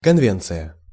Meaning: convention (formal agreement)
- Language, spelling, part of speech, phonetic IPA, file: Russian, конвенция, noun, [kɐnˈvʲent͡sɨjə], Ru-конвенция.ogg